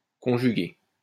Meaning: past participle of conjuguer
- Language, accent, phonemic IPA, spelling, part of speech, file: French, France, /kɔ̃.ʒy.ɡe/, conjugué, verb, LL-Q150 (fra)-conjugué.wav